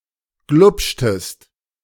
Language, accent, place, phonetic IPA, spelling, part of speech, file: German, Germany, Berlin, [ˈɡlʊpʃtəst], glupschtest, verb, De-glupschtest.ogg
- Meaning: inflection of glupschen: 1. second-person singular preterite 2. second-person singular subjunctive II